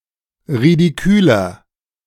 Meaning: 1. comparative degree of ridikül 2. inflection of ridikül: strong/mixed nominative masculine singular 3. inflection of ridikül: strong genitive/dative feminine singular
- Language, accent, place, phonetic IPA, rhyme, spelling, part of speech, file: German, Germany, Berlin, [ʁidiˈkyːlɐ], -yːlɐ, ridiküler, adjective, De-ridiküler.ogg